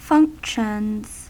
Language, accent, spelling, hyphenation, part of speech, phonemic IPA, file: English, US, functions, func‧tions, noun / verb, /ˈfʌŋkʃənz/, En-us-functions.ogg
- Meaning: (noun) plural of function; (verb) third-person singular simple present indicative of function